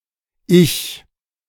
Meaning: 1. ego 2. self, me, him, etc
- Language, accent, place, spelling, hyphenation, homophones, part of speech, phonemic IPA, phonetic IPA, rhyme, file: German, Germany, Berlin, Ich, Ich, ich, noun, /ɪç/, [ʔɪç], -ɪç, De-Ich.ogg